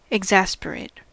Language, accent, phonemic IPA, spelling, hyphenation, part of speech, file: English, US, /ɪɡˈzæsp(ə)ɹeɪt/, exasperate, ex‧as‧per‧ate, verb / adjective, En-us-exasperate.ogg
- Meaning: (verb) To tax the patience of; irk, frustrate, vex, provoke, annoy; to make angry; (adjective) 1. Exasperated 2. Exasperated; embittered